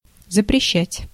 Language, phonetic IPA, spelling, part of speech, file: Russian, [zəprʲɪˈɕːætʲ], запрещать, verb, Ru-запрещать.ogg
- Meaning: to forbid, to prohibit